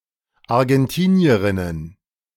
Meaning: plural of Argentinierin
- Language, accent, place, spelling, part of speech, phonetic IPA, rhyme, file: German, Germany, Berlin, Argentinierinnen, noun, [aʁɡɛnˈtiːni̯əʁɪnən], -iːni̯əʁɪnən, De-Argentinierinnen.ogg